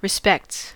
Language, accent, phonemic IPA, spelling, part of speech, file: English, US, /ɹɪˈspɛkts/, respects, noun / verb, En-us-respects.ogg
- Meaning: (noun) 1. plural of respect 2. regards or respect expressed for a deceased person, usually at the same time as offering condolences to other mourners